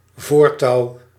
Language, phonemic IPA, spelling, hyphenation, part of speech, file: Dutch, /ˈvoːr.tɑu̯/, voortouw, voor‧touw, noun, Nl-voortouw.ogg
- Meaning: a rope attached to the front side of an object